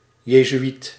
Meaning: Jesuit
- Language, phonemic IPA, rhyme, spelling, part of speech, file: Dutch, /ˌjeː.zyˈit/, -it, jezuïet, noun, Nl-jezuïet.ogg